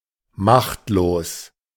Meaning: powerless
- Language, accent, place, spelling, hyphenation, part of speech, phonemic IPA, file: German, Germany, Berlin, machtlos, macht‧los, adjective, /ˈmaxtloːs/, De-machtlos.ogg